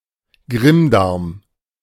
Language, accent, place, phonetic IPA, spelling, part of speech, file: German, Germany, Berlin, [ˈɡʁɪmˌdaʁm], Grimmdarm, noun, De-Grimmdarm.ogg
- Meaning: colon